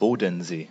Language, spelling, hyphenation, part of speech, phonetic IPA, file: German, Bodensee, Bo‧den‧see, proper noun, [ˈboːdn̩ˌzeː], De-Bodensee.ogg
- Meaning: 1. Lake Constance 2. a municipality of Lower Saxony, Germany